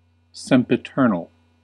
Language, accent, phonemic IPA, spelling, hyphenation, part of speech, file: English, US, /ˌsɛm.pɪˈtɝ.nəl/, sempiternal, sem‧pi‧ter‧nal, adjective, En-us-sempiternal.ogg
- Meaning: 1. Everlasting, eternal 2. Having infinite temporal duration, rather than outside time and thus lacking temporal duration altogether; everlasting